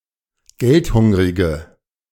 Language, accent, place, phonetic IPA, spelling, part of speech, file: German, Germany, Berlin, [ˈɡɛltˌhʊŋʁɪɡə], geldhungrige, adjective, De-geldhungrige.ogg
- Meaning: inflection of geldhungrig: 1. strong/mixed nominative/accusative feminine singular 2. strong nominative/accusative plural 3. weak nominative all-gender singular